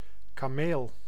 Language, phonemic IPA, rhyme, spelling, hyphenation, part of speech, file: Dutch, /kaːˈmeːl/, -eːl, kameel, ka‧meel, noun, Nl-kameel.ogg
- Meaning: camel (Bactrian camel (Camelus bactrianus); animal of the genus Camelus)